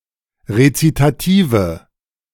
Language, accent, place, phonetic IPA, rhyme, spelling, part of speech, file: German, Germany, Berlin, [ʁet͡sitaˈtiːvə], -iːvə, Rezitative, noun, De-Rezitative.ogg
- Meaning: nominative/accusative/genitive plural of Rezitativ